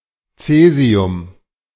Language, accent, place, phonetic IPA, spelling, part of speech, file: German, Germany, Berlin, [ˈt͡sɛːzi̯ʊm], Caesium, noun, De-Caesium.ogg
- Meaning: caesium